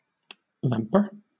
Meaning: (noun) One who vamps; one who creates or repairs by piecing old things together; a cobbler; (verb) To swagger; to make an ostentatious show
- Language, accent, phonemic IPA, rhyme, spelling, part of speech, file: English, Southern England, /ˈvæmpə(ɹ)/, -æmpə(ɹ), vamper, noun / verb, LL-Q1860 (eng)-vamper.wav